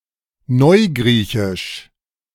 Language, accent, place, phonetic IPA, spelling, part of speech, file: German, Germany, Berlin, [ˈnɔɪ̯ˌɡʁiːçɪʃ], Neugriechisch, noun, De-Neugriechisch.ogg
- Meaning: Modern Greek (Modern Greek language)